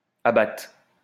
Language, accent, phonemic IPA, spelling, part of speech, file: French, France, /a.bat/, abatte, verb, LL-Q150 (fra)-abatte.wav
- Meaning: first/third-person singular present subjunctive of abattre